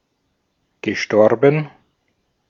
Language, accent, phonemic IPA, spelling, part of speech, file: German, Austria, /ɡəˈʃtɔʁbən/, gestorben, verb / adjective, De-at-gestorben.ogg
- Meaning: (verb) past participle of sterben; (adjective) deceased (no longer alive)